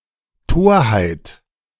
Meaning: folly, foolishness
- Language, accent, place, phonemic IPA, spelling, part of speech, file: German, Germany, Berlin, /ˈtoːɐ̯haɪ̯t/, Torheit, noun, De-Torheit.ogg